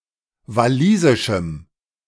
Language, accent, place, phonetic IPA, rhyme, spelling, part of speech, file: German, Germany, Berlin, [vaˈliːzɪʃm̩], -iːzɪʃm̩, walisischem, adjective, De-walisischem.ogg
- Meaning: strong dative masculine/neuter singular of walisisch